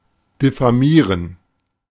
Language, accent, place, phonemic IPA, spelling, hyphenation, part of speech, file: German, Germany, Berlin, /dɪfaˈmiːʁən/, diffamieren, dif‧fa‧mie‧ren, verb, De-diffamieren.ogg
- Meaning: to vilify, to defame (say defamatory things about)